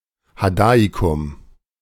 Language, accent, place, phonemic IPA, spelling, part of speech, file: German, Germany, Berlin, /haˈdaːikʊm/, Hadaikum, proper noun, De-Hadaikum.ogg
- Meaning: the Hadean